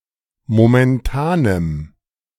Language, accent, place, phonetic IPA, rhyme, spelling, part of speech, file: German, Germany, Berlin, [momɛnˈtaːnəm], -aːnəm, momentanem, adjective, De-momentanem.ogg
- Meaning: strong dative masculine/neuter singular of momentan